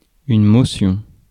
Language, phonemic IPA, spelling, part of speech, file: French, /mɔ.sjɔ̃/, motion, noun, Fr-motion.ogg
- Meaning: motion